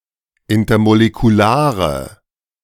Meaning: inflection of intermolekular: 1. strong/mixed nominative/accusative feminine singular 2. strong nominative/accusative plural 3. weak nominative all-gender singular
- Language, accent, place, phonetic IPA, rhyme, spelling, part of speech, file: German, Germany, Berlin, [ˌɪntɐmolekuˈlaːʁə], -aːʁə, intermolekulare, adjective, De-intermolekulare.ogg